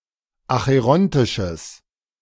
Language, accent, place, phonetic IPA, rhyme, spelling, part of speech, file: German, Germany, Berlin, [axəˈʁɔntɪʃəs], -ɔntɪʃəs, acherontisches, adjective, De-acherontisches.ogg
- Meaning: strong/mixed nominative/accusative neuter singular of acherontisch